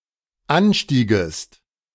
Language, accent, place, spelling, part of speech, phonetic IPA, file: German, Germany, Berlin, anstiegest, verb, [ˈanˌʃtiːɡəst], De-anstiegest.ogg
- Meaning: second-person singular dependent subjunctive II of ansteigen